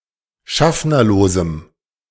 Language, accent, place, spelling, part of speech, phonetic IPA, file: German, Germany, Berlin, schaffnerlosem, adjective, [ˈʃafnɐloːzm̩], De-schaffnerlosem.ogg
- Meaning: strong dative masculine/neuter singular of schaffnerlos